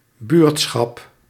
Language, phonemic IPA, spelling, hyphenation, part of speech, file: Dutch, /ˈbyːrt.sxɑp/, buurtschap, buurt‧schap, noun, Nl-buurtschap.ogg
- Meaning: a small hamlet, a group of houses; generally without any central feature and with few businesses